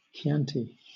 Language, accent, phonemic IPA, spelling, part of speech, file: English, Southern England, /kɪˈantɪ/, Chianti, noun, LL-Q1860 (eng)-Chianti.wav
- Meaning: 1. A hilly geographic region in central Tuscany, Italy, famous for red wines 2. A Tuscan red wine